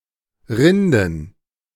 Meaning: plural of Rinde
- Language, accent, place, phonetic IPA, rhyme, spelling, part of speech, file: German, Germany, Berlin, [ˈʁɪndn̩], -ɪndn̩, Rinden, noun, De-Rinden.ogg